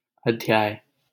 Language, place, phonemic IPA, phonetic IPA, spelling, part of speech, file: Hindi, Delhi, /əd̪ʱ.jɑːj/, [ɐd̪ʱ.jäːj], अध्याय, noun, LL-Q1568 (hin)-अध्याय.wav
- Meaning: chapter (of a book)